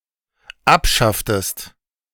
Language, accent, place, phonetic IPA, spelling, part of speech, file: German, Germany, Berlin, [ˈapˌʃaftəst], abschafftest, verb, De-abschafftest.ogg
- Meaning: inflection of abschaffen: 1. second-person singular dependent preterite 2. second-person singular dependent subjunctive II